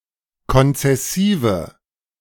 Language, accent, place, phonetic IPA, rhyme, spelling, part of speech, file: German, Germany, Berlin, [kɔnt͡sɛˈsiːvə], -iːvə, konzessive, adjective, De-konzessive.ogg
- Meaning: inflection of konzessiv: 1. strong/mixed nominative/accusative feminine singular 2. strong nominative/accusative plural 3. weak nominative all-gender singular